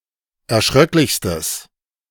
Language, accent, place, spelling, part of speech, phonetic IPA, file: German, Germany, Berlin, erschröcklichstes, adjective, [ɛɐ̯ˈʃʁœklɪçstəs], De-erschröcklichstes.ogg
- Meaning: strong/mixed nominative/accusative neuter singular superlative degree of erschröcklich